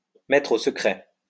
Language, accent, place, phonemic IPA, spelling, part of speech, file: French, France, Lyon, /mɛtʁ o sə.kʁɛ/, mettre au secret, verb, LL-Q150 (fra)-mettre au secret.wav
- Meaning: to hold incommunicado, to put in incommunicado detention, to put in solitary confinement